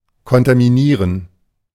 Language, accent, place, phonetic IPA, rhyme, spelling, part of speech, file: German, Germany, Berlin, [kɔntamiˈniːʁən], -iːʁən, kontaminieren, verb, De-kontaminieren.ogg
- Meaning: to contaminate